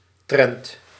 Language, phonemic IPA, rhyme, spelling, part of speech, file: Dutch, /trɛnt/, -ɛnt, trend, noun, Nl-trend.ogg
- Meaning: trend, tendency